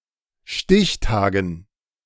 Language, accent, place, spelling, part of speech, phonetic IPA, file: German, Germany, Berlin, Stichtagen, noun, [ˈʃtɪçˌtaːɡn̩], De-Stichtagen.ogg
- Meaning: dative plural of Stichtag